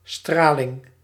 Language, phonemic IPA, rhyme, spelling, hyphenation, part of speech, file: Dutch, /ˈstraː.lɪŋ/, -aːlɪŋ, straling, stra‧ling, noun, Nl-straling.ogg
- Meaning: radiation